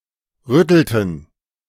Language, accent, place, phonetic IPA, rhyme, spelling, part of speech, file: German, Germany, Berlin, [ˈʁʏtl̩tn̩], -ʏtl̩tn̩, rüttelten, verb, De-rüttelten.ogg
- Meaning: inflection of rütteln: 1. first/third-person plural preterite 2. first/third-person plural subjunctive II